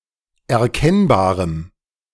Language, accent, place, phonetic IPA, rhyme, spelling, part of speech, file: German, Germany, Berlin, [ɛɐ̯ˈkɛnbaːʁəm], -ɛnbaːʁəm, erkennbarem, adjective, De-erkennbarem.ogg
- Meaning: strong dative masculine/neuter singular of erkennbar